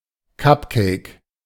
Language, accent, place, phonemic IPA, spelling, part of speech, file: German, Germany, Berlin, /ˈkapkɛɪ̯k/, Cupcake, noun, De-Cupcake.ogg
- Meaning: cupcake